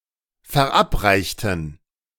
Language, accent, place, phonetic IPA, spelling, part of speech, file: German, Germany, Berlin, [fɛɐ̯ˈʔapˌʁaɪ̯çtn̩], verabreichten, adjective / verb, De-verabreichten.ogg
- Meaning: inflection of verabreicht: 1. strong genitive masculine/neuter singular 2. weak/mixed genitive/dative all-gender singular 3. strong/weak/mixed accusative masculine singular 4. strong dative plural